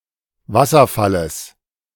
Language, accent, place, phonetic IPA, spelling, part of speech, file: German, Germany, Berlin, [ˈvasɐˌfaləs], Wasserfalles, noun, De-Wasserfalles.ogg
- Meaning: genitive singular of Wasserfall